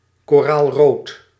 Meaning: coral (color/colour)
- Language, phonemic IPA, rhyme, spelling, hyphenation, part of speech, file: Dutch, /koːraːlˈroːt/, -oːt, koraalrood, ko‧raal‧rood, adjective, Nl-koraalrood.ogg